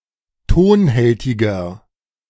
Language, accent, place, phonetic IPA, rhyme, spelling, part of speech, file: German, Germany, Berlin, [ˈtoːnˌhɛltɪɡɐ], -oːnhɛltɪɡɐ, tonhältiger, adjective, De-tonhältiger.ogg
- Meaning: 1. comparative degree of tonhältig 2. inflection of tonhältig: strong/mixed nominative masculine singular 3. inflection of tonhältig: strong genitive/dative feminine singular